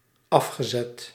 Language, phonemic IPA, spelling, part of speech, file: Dutch, /ˈɑfxəˌzɛt/, afgezet, verb, Nl-afgezet.ogg
- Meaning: past participle of afzetten